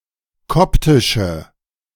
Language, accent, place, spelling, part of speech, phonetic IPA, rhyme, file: German, Germany, Berlin, koptische, adjective, [ˈkɔptɪʃə], -ɔptɪʃə, De-koptische.ogg
- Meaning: inflection of koptisch: 1. strong/mixed nominative/accusative feminine singular 2. strong nominative/accusative plural 3. weak nominative all-gender singular